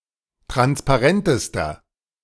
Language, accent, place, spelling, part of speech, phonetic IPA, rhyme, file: German, Germany, Berlin, transparentester, adjective, [ˌtʁanspaˈʁɛntəstɐ], -ɛntəstɐ, De-transparentester.ogg
- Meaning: inflection of transparent: 1. strong/mixed nominative masculine singular superlative degree 2. strong genitive/dative feminine singular superlative degree 3. strong genitive plural superlative degree